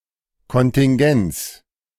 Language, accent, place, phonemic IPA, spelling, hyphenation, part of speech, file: German, Germany, Berlin, /kɔntɪŋˈɡɛnt͡s/, Kontingenz, Kon‧tin‧genz, noun, De-Kontingenz.ogg
- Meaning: contingency (quality of being contingent; unpredictability)